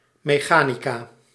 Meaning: mechanics
- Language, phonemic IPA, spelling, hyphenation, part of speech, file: Dutch, /ˌmeːˈxaː.ni.kaː/, mechanica, me‧cha‧ni‧ca, noun, Nl-mechanica.ogg